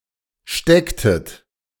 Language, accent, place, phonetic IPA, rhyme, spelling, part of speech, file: German, Germany, Berlin, [ˈʃtɛktət], -ɛktət, stecktet, verb, De-stecktet.ogg
- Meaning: inflection of stecken: 1. second-person plural preterite 2. second-person plural subjunctive II